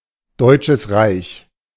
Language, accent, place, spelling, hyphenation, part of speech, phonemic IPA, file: German, Germany, Berlin, Deutsches Reich, Deut‧sches Reich, proper noun, /ˈdɔɪ̯t͡ʃəs ʁaɪ̯ç/, De-Deutsches Reich.ogg
- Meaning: 1. German Reich (a former German country that existed between 1871 and 1945, de facto ending with World War II) 2. synonym of Deutsches Kaiserreich (“German Empire”)